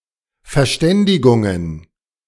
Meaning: plural of Verständigung
- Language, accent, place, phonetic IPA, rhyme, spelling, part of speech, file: German, Germany, Berlin, [fɛɐ̯ˈʃtɛndɪɡʊŋən], -ɛndɪɡʊŋən, Verständigungen, noun, De-Verständigungen.ogg